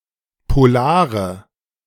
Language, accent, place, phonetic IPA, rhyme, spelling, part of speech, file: German, Germany, Berlin, [poˈlaːʁə], -aːʁə, polare, adjective, De-polare.ogg
- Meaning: inflection of polar: 1. strong/mixed nominative/accusative feminine singular 2. strong nominative/accusative plural 3. weak nominative all-gender singular 4. weak accusative feminine/neuter singular